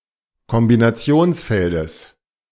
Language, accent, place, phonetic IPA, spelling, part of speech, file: German, Germany, Berlin, [kɔmbinaˈt͡si̯oːnsˌfɛldəs], Kombinationsfeldes, noun, De-Kombinationsfeldes.ogg
- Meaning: genitive singular of Kombinationsfeld